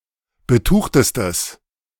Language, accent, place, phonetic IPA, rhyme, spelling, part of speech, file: German, Germany, Berlin, [bəˈtuːxtəstəs], -uːxtəstəs, betuchtestes, adjective, De-betuchtestes.ogg
- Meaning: strong/mixed nominative/accusative neuter singular superlative degree of betucht